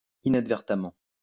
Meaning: inadvertently
- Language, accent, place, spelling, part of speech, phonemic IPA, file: French, France, Lyon, inadvertamment, adverb, /i.nad.vɛʁ.ta.mɑ̃/, LL-Q150 (fra)-inadvertamment.wav